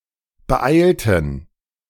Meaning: inflection of beeilen: 1. first/third-person plural preterite 2. first/third-person plural subjunctive II
- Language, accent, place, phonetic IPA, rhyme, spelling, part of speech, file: German, Germany, Berlin, [bəˈʔaɪ̯ltn̩], -aɪ̯ltn̩, beeilten, verb, De-beeilten.ogg